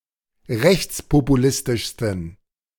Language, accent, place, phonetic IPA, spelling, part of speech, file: German, Germany, Berlin, [ˈʁɛçt͡spopuˌlɪstɪʃstn̩], rechtspopulistischsten, adjective, De-rechtspopulistischsten.ogg
- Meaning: 1. superlative degree of rechtspopulistisch 2. inflection of rechtspopulistisch: strong genitive masculine/neuter singular superlative degree